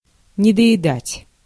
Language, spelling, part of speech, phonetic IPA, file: Russian, недоедать, verb, [nʲɪdə(j)ɪˈdatʲ], Ru-недоедать.ogg
- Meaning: 1. to not eat enough, to not eat one's fill 2. to be undernourished, to be malnourished, to go hungry